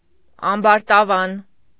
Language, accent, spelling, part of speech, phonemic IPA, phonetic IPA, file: Armenian, Eastern Armenian, ամբարտավան, adjective / adverb, /ɑmbɑɾtɑˈvɑn/, [ɑmbɑɾtɑvɑ́n], Hy-ամբարտավան.ogg
- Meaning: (adjective) pompous, bigheaded, arrogant; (adverb) pompously, arrogantly, conceitedly